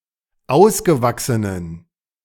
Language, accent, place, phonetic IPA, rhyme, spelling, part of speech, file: German, Germany, Berlin, [ˈaʊ̯sɡəˌvaksənən], -aʊ̯sɡəvaksənən, ausgewachsenen, adjective, De-ausgewachsenen.ogg
- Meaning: inflection of ausgewachsen: 1. strong genitive masculine/neuter singular 2. weak/mixed genitive/dative all-gender singular 3. strong/weak/mixed accusative masculine singular 4. strong dative plural